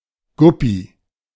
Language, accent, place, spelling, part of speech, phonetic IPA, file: German, Germany, Berlin, Guppy, noun, [ˈɡʊpi], De-Guppy.ogg
- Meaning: 1. guppy 2. misconstruction of Yuppie